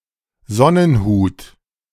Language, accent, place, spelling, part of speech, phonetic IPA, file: German, Germany, Berlin, Sonnenhut, noun, [ˈzɔnənˌhuːt], De-Sonnenhut.ogg
- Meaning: 1. sunhat 2. coneflower (flowering plant of the genus Echinacea)